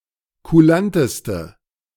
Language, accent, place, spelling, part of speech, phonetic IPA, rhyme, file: German, Germany, Berlin, kulanteste, adjective, [kuˈlantəstə], -antəstə, De-kulanteste.ogg
- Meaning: inflection of kulant: 1. strong/mixed nominative/accusative feminine singular superlative degree 2. strong nominative/accusative plural superlative degree